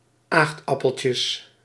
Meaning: plural of aagtappeltje
- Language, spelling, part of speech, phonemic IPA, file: Dutch, aagtappeltjes, noun, /ˈaxtɑpəlces/, Nl-aagtappeltjes.ogg